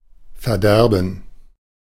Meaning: 1. gerund of verderben 2. gerund of verderben: ruin, doom
- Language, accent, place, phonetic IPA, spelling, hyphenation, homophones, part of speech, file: German, Germany, Berlin, [fɛɐ̯ˈdɛʁbən], Verderben, Ver‧der‧ben, verderben, noun, De-Verderben.ogg